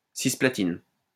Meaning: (noun) cisplatin, one of the platinum-based antineoplastic drugs; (adjective) adjectival form of Cisplatine
- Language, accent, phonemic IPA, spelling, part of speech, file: French, France, /sis.pla.tin/, cisplatine, noun / adjective, LL-Q150 (fra)-cisplatine.wav